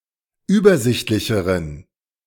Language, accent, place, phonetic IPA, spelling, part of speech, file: German, Germany, Berlin, [ˈyːbɐˌzɪçtlɪçəʁən], übersichtlicheren, adjective, De-übersichtlicheren.ogg
- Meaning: inflection of übersichtlich: 1. strong genitive masculine/neuter singular comparative degree 2. weak/mixed genitive/dative all-gender singular comparative degree